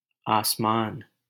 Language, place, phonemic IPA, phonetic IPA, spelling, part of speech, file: Hindi, Delhi, /ɑːs.mɑːn/, [äːs.mä̃ːn], आसमान, noun, LL-Q1568 (hin)-आसमान.wav
- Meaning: 1. sky 2. celestial sphere, firmament; one of the seven heavens